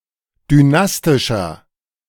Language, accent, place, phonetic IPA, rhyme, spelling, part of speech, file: German, Germany, Berlin, [dyˈnastɪʃɐ], -astɪʃɐ, dynastischer, adjective, De-dynastischer.ogg
- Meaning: 1. comparative degree of dynastisch 2. inflection of dynastisch: strong/mixed nominative masculine singular 3. inflection of dynastisch: strong genitive/dative feminine singular